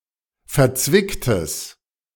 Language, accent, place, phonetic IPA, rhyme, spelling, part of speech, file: German, Germany, Berlin, [fɛɐ̯ˈt͡svɪktəs], -ɪktəs, verzwicktes, adjective, De-verzwicktes.ogg
- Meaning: strong/mixed nominative/accusative neuter singular of verzwickt